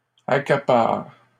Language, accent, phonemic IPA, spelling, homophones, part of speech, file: French, Canada, /a.ka.paʁ/, accapares, accapare / accaparent, verb, LL-Q150 (fra)-accapares.wav
- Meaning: second-person singular present indicative/subjunctive of accaparer